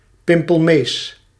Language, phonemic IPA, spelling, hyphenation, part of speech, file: Dutch, /ˈpɪmpəlˌmeːs/, pimpelmees, pim‧pel‧mees, noun, Nl-pimpelmees.ogg
- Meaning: blue tit (Cyanistes caeruleus)